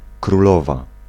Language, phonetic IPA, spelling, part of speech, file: Polish, [kruˈlɔva], królowa, noun / adjective, Pl-królowa.ogg